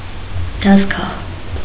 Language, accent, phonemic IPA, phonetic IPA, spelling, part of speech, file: Armenian, Eastern Armenian, /dɑzˈɡɑh/, [dɑzɡɑ́h], դազգահ, noun, Hy-դազգահ.ogg
- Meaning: 1. workbench 2. machine tool, machine